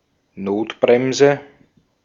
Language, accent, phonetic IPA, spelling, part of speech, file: German, Austria, [ˈnoːtˌbʁɛmzə], Notbremse, noun, De-at-Notbremse.ogg
- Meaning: 1. emergency brake 2. a foul against a player who is in the course of scoring a goal, according to contemporary rules generally punished with a straight red card